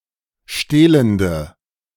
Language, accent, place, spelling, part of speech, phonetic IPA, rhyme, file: German, Germany, Berlin, stehlende, adjective, [ˈʃteːləndə], -eːləndə, De-stehlende.ogg
- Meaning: inflection of stehlend: 1. strong/mixed nominative/accusative feminine singular 2. strong nominative/accusative plural 3. weak nominative all-gender singular